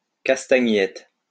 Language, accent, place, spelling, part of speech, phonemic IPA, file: French, France, Lyon, castagnette, noun, /kas.ta.ɲɛt/, LL-Q150 (fra)-castagnette.wav
- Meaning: castanets